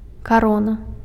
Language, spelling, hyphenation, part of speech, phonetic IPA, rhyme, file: Belarusian, карона, ка‧ро‧на, noun, [kaˈrona], -ona, Be-карона.ogg
- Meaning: 1. crown (a bejeweled headdress that is a sign of a monarch's power) 2. crown (power of a monarch) 3. crown (state power in a monarchical country) 4. crown (the upper branchy part of a tree)